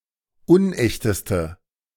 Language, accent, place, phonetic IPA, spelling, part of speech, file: German, Germany, Berlin, [ˈʊnˌʔɛçtəstə], unechteste, adjective, De-unechteste.ogg
- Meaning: inflection of unecht: 1. strong/mixed nominative/accusative feminine singular superlative degree 2. strong nominative/accusative plural superlative degree